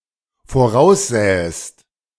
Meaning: second-person singular dependent subjunctive II of voraussehen
- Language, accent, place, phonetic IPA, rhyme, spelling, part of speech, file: German, Germany, Berlin, [foˈʁaʊ̯sˌzɛːəst], -aʊ̯szɛːəst, voraussähest, verb, De-voraussähest.ogg